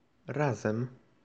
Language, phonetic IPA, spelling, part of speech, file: Polish, [ˈrazɛ̃m], razem, adverb, Pl-razem.ogg